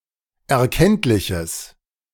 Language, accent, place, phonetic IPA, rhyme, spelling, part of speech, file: German, Germany, Berlin, [ɛɐ̯ˈkɛntlɪçəs], -ɛntlɪçəs, erkenntliches, adjective, De-erkenntliches.ogg
- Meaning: strong/mixed nominative/accusative neuter singular of erkenntlich